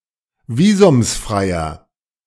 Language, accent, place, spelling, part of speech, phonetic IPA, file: German, Germany, Berlin, visumsfreier, adjective, [ˈviːzʊmsˌfʁaɪ̯ɐ], De-visumsfreier.ogg
- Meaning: inflection of visumsfrei: 1. strong/mixed nominative masculine singular 2. strong genitive/dative feminine singular 3. strong genitive plural